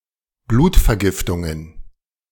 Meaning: plural of Blutvergiftung
- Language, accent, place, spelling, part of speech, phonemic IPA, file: German, Germany, Berlin, Blutvergiftungen, noun, /ˈbluːtfɛɐ̯ˌɡɪftʊŋən/, De-Blutvergiftungen.ogg